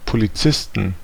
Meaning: 1. genitive singular of Polizist 2. dative singular of Polizist 3. accusative singular of Polizist 4. nominative plural of Polizist 5. genitive plural of Polizist 6. dative plural of Polizist
- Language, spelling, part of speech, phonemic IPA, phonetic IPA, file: German, Polizisten, noun, /poliˈt͡sɪstən/, [pʰoliˈt͡sɪstn̩], De-Polizisten.ogg